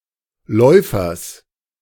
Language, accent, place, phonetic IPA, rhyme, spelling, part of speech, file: German, Germany, Berlin, [ˈlɔɪ̯fɐs], -ɔɪ̯fɐs, Läufers, noun, De-Läufers.ogg
- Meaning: genitive singular of Läufer